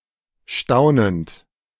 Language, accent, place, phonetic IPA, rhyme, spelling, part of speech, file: German, Germany, Berlin, [ˈʃtaʊ̯nənt], -aʊ̯nənt, staunend, verb, De-staunend.ogg
- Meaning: present participle of staunen